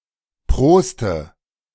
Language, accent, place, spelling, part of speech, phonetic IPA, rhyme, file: German, Germany, Berlin, proste, verb, [ˈpʁoːstə], -oːstə, De-proste.ogg
- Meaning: inflection of prosten: 1. first-person singular present 2. first/third-person singular subjunctive I 3. singular imperative